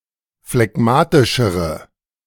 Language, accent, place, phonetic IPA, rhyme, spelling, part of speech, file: German, Germany, Berlin, [flɛˈɡmaːtɪʃəʁə], -aːtɪʃəʁə, phlegmatischere, adjective, De-phlegmatischere.ogg
- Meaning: inflection of phlegmatisch: 1. strong/mixed nominative/accusative feminine singular comparative degree 2. strong nominative/accusative plural comparative degree